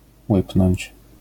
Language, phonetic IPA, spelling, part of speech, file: Polish, [ˈwɨpnɔ̃ɲt͡ɕ], łypnąć, verb, LL-Q809 (pol)-łypnąć.wav